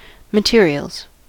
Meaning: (noun) plural of material; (verb) third-person singular simple present indicative of material
- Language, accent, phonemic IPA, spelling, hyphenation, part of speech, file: English, US, /məˈtɪɹi.əlz/, materials, ma‧te‧ri‧als, noun / verb, En-us-materials.ogg